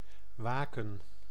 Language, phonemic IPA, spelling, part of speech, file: Dutch, /ˈʋaːkə(n)/, waken, verb / noun, Nl-waken.ogg
- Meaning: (verb) 1. to stay awake 2. to watch, to be alert; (noun) plural of wake